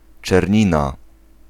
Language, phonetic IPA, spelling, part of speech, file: Polish, [t͡ʃɛrʲˈɲĩna], czernina, noun, Pl-czernina.ogg